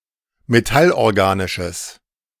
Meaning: strong/mixed nominative/accusative neuter singular of metallorganisch
- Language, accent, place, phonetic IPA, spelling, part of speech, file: German, Germany, Berlin, [meˈtalʔɔʁˌɡaːnɪʃəs], metallorganisches, adjective, De-metallorganisches.ogg